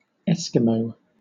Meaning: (noun) A member of a group of indigenous peoples inhabiting the Arctic, from Siberia, through Alaska and Northern Canada, to Greenland, including the Inuit and Yupik
- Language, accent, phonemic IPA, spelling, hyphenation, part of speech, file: English, Southern England, /ˈɛs.kɪ.məʊ/, Eskimo, Es‧kimo, noun / proper noun / adjective, LL-Q1860 (eng)-Eskimo.wav